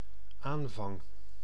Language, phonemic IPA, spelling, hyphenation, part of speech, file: Dutch, /ˈaːn.vɑŋ/, aanvang, aan‧vang, noun / verb, Nl-aanvang.ogg
- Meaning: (noun) commencement, inception, beginning; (verb) first-person singular dependent-clause present indicative of aanvangen